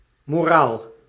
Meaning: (noun) 1. moral, morals 2. morale, motivation; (adjective) obsolete form of moreel
- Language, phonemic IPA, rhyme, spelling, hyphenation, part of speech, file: Dutch, /moːˈraːl/, -aːl, moraal, mo‧raal, noun / adjective, Nl-moraal.ogg